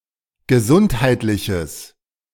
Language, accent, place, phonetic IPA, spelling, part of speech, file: German, Germany, Berlin, [ɡəˈzʊnthaɪ̯tlɪçəs], gesundheitliches, adjective, De-gesundheitliches.ogg
- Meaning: strong/mixed nominative/accusative neuter singular of gesundheitlich